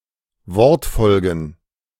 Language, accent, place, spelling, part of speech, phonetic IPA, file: German, Germany, Berlin, Wortfolgen, noun, [ˈvɔʁtˌfɔlɡn̩], De-Wortfolgen.ogg
- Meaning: plural of Wortfolge